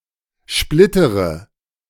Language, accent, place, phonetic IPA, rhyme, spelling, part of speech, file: German, Germany, Berlin, [ˈʃplɪtəʁə], -ɪtəʁə, splittere, verb, De-splittere.ogg
- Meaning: inflection of splittern: 1. first-person singular present 2. first/third-person singular subjunctive I 3. singular imperative